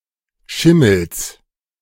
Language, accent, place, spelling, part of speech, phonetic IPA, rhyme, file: German, Germany, Berlin, Schimmels, noun, [ˈʃɪml̩s], -ɪml̩s, De-Schimmels.ogg
- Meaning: genitive singular of Schimmel